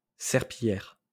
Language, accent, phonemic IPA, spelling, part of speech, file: French, France, /sɛʁ.pi.jɛʁ/, serpillière, noun, LL-Q150 (fra)-serpillière.wav
- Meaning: 1. mop, floorcloth 2. wimp